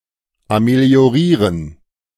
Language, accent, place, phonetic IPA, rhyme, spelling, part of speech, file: German, Germany, Berlin, [ameli̯oˈʁiːʁən], -iːʁən, ameliorieren, verb, De-ameliorieren.ogg
- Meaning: to ameliorate